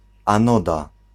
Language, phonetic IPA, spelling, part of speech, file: Polish, [ãˈnɔda], anoda, noun, Pl-anoda.ogg